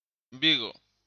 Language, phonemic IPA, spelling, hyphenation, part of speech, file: Galician, /ˈbi.ɣo̝/, Vigo, Vi‧go, proper noun, Gl-Vigo.ogg
- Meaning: 1. Vigo (a city and municipality on the southwest coast of Galicia, Spain) 2. a parish of Cambre, A Coruña, Galicia 3. San Xulián de Vigo (a parish of Paderne, A Coruña, Galicia)